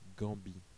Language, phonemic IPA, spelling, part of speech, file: French, /ɡɑ̃.bi/, Gambie, proper noun, Fr-Gambie.oga
- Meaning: Gambia (a country in West Africa)